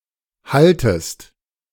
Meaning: second-person singular subjunctive I of halten
- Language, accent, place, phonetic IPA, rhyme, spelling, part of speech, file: German, Germany, Berlin, [ˈhaltəst], -altəst, haltest, verb, De-haltest.ogg